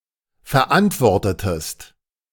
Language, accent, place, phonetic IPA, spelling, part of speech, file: German, Germany, Berlin, [fɛɐ̯ˈʔantvɔʁtətəst], verantwortetest, verb, De-verantwortetest.ogg
- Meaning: inflection of verantworten: 1. second-person singular preterite 2. second-person singular subjunctive II